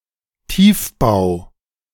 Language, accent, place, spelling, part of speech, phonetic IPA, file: German, Germany, Berlin, Tiefbau, noun, [ˈtiːfˌbaʊ̯], De-Tiefbau.ogg
- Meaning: civil engineering or building of structures on or below ground (cf. Hochbau)